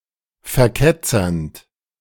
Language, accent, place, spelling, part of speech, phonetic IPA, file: German, Germany, Berlin, verketzernd, verb, [fɛɐ̯ˈkɛt͡sɐnt], De-verketzernd.ogg
- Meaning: present participle of verketzern